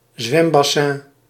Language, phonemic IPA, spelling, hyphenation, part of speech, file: Dutch, /ˈzʋɛm.bɑˌsɛn/, zwembassin, zwem‧bas‧sin, noun, Nl-zwembassin.ogg
- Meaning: swimming pool